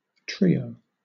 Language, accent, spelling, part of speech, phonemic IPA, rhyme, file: English, Southern England, trio, noun, /ˈtɹi.əʊ/, -iːəʊ, LL-Q1860 (eng)-trio.wav
- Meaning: 1. A group of three people or things 2. A group of three musicians 3. A piece of music written for three musicians 4. A passage in the middle of a minuet, frequently in a different key